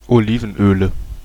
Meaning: nominative/accusative/genitive plural of Olivenöl
- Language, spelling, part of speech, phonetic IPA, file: German, Olivenöle, noun, [oˈliːvn̩ˌʔøːlə], De-Olivenöle.ogg